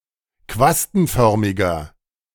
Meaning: inflection of quastenförmig: 1. strong/mixed nominative masculine singular 2. strong genitive/dative feminine singular 3. strong genitive plural
- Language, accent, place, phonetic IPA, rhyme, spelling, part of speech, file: German, Germany, Berlin, [ˈkvastn̩ˌfœʁmɪɡɐ], -astn̩fœʁmɪɡɐ, quastenförmiger, adjective, De-quastenförmiger.ogg